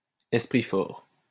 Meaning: 1. esprit fort 2. freethinker
- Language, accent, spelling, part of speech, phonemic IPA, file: French, France, esprit fort, noun, /ɛs.pʁi fɔʁ/, LL-Q150 (fra)-esprit fort.wav